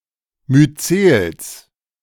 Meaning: genitive singular of Myzel
- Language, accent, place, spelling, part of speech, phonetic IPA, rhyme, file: German, Germany, Berlin, Myzels, noun, [myˈt͡seːls], -eːls, De-Myzels.ogg